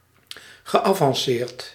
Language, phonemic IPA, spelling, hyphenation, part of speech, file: Dutch, /ɣəˌavɑnˈsert/, geavanceerd, ge‧avan‧ceerd, adjective / verb, Nl-geavanceerd.ogg
- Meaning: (adjective) advanced; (verb) past participle of avanceren